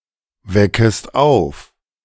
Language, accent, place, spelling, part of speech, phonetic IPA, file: German, Germany, Berlin, weckest auf, verb, [ˌvɛkəst ˈaʊ̯f], De-weckest auf.ogg
- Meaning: second-person singular subjunctive I of aufwecken